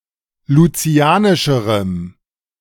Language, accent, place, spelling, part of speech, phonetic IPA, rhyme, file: German, Germany, Berlin, lucianischerem, adjective, [luˈt͡si̯aːnɪʃəʁəm], -aːnɪʃəʁəm, De-lucianischerem.ogg
- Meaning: strong dative masculine/neuter singular comparative degree of lucianisch